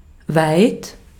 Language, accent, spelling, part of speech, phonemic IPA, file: German, Austria, weit, adjective / adverb, /vaɪ̯t/, De-at-weit.ogg
- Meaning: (adjective) 1. wide 2. large 3. far, distant (of the past or future) 4. Denotes a certain point in time or in some process or schedule, or a certain stage of development; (adverb) far